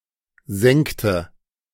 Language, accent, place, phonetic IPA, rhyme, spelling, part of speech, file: German, Germany, Berlin, [ˈzɛŋtə], -ɛŋtə, sengte, verb, De-sengte.ogg
- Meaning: inflection of sengen: 1. first/third-person singular preterite 2. first/third-person singular subjunctive II